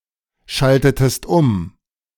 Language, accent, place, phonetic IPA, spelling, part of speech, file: German, Germany, Berlin, [ˌʃaltətəst ˈʊm], schaltetest um, verb, De-schaltetest um.ogg
- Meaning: inflection of umschalten: 1. second-person singular preterite 2. second-person singular subjunctive II